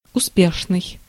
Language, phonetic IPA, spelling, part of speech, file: Russian, [ʊˈspʲeʂnɨj], успешный, adjective, Ru-успешный.ogg
- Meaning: successful (resulting in success)